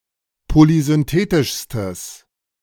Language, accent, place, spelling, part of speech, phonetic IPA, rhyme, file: German, Germany, Berlin, polysynthetischstes, adjective, [polizʏnˈteːtɪʃstəs], -eːtɪʃstəs, De-polysynthetischstes.ogg
- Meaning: strong/mixed nominative/accusative neuter singular superlative degree of polysynthetisch